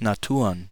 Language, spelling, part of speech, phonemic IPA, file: German, Naturen, noun, /naˈtuːʁən/, De-Naturen.ogg
- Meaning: plural of Natur